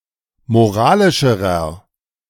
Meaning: inflection of moralisch: 1. strong/mixed nominative masculine singular comparative degree 2. strong genitive/dative feminine singular comparative degree 3. strong genitive plural comparative degree
- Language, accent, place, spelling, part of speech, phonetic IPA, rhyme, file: German, Germany, Berlin, moralischerer, adjective, [moˈʁaːlɪʃəʁɐ], -aːlɪʃəʁɐ, De-moralischerer.ogg